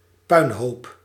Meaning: 1. a pile of rubble; a ruin 2. a terrible mess, anything in a disastrous state; a rotten job or result
- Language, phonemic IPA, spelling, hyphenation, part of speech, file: Dutch, /ˈpœy̯nˌɦoːp/, puinhoop, puin‧hoop, noun, Nl-puinhoop.ogg